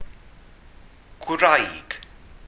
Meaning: 1. wife 2. woman
- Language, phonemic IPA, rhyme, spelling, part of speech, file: Welsh, /ɡwrai̯ɡ/, -ai̯ɡ, gwraig, noun, Cy-gwraig.ogg